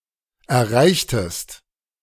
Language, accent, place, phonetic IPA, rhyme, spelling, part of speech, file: German, Germany, Berlin, [ɛɐ̯ˈʁaɪ̯çtəst], -aɪ̯çtəst, erreichtest, verb, De-erreichtest.ogg
- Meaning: inflection of erreichen: 1. second-person singular preterite 2. second-person singular subjunctive II